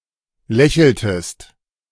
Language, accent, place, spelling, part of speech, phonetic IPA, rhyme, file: German, Germany, Berlin, lächeltest, verb, [ˈlɛçl̩təst], -ɛçl̩təst, De-lächeltest.ogg
- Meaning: inflection of lächeln: 1. second-person singular preterite 2. second-person singular subjunctive II